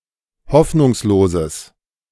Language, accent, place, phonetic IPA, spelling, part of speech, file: German, Germany, Berlin, [ˈhɔfnʊŋsloːzəs], hoffnungsloses, adjective, De-hoffnungsloses.ogg
- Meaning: strong/mixed nominative/accusative neuter singular of hoffnungslos